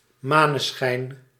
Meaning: moonshine, moonlight (light from the moon)
- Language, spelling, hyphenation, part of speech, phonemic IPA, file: Dutch, maneschijn, ma‧ne‧schijn, noun, /ˈmaːnəˌsxɛi̯n/, Nl-maneschijn.ogg